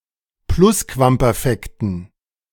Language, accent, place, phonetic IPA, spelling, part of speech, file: German, Germany, Berlin, [ˈplʊskvampɛʁˌfɛktn̩], Plusquamperfekten, noun, De-Plusquamperfekten.ogg
- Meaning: dative plural of Plusquamperfekt